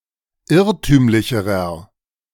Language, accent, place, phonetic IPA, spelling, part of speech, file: German, Germany, Berlin, [ˈɪʁtyːmlɪçəʁɐ], irrtümlicherer, adjective, De-irrtümlicherer.ogg
- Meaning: inflection of irrtümlich: 1. strong/mixed nominative masculine singular comparative degree 2. strong genitive/dative feminine singular comparative degree 3. strong genitive plural comparative degree